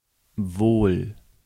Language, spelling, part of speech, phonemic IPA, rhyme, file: German, wohl, adverb, /voːl/, -oːl, De-wohl.ogg
- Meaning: possibly, probably; as I was told (modal particle expressing an assumption, often like English must + infinitive, or (US) guess + clause)